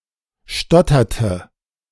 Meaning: inflection of stottern: 1. first/third-person singular preterite 2. first/third-person singular subjunctive II
- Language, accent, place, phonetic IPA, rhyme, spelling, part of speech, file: German, Germany, Berlin, [ˈʃtɔtɐtə], -ɔtɐtə, stotterte, verb, De-stotterte.ogg